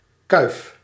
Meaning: 1. a crest of plumage or hair (on an animal) 2. any hairstyle that resembles a crest (including a quiff)
- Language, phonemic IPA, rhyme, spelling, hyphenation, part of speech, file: Dutch, /kœy̯f/, -œy̯f, kuif, kuif, noun, Nl-kuif.ogg